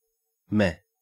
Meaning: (adjective) 1. Mediocre; lackluster; unexceptional; uninspiring 2. Apathetic; unenthusiastic; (interjection) Expressing indifference or lack of enthusiasm
- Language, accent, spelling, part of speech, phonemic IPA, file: English, Australia, meh, adjective / interjection / noun, /me/, En-au-meh.ogg